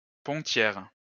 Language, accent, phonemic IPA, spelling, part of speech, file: French, France, /pɔ̃.tjɛʁ/, pontière, noun, LL-Q150 (fra)-pontière.wav
- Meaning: female equivalent of pontier